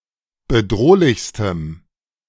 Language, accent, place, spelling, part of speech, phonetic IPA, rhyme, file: German, Germany, Berlin, bedrohlichstem, adjective, [bəˈdʁoːlɪçstəm], -oːlɪçstəm, De-bedrohlichstem.ogg
- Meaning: strong dative masculine/neuter singular superlative degree of bedrohlich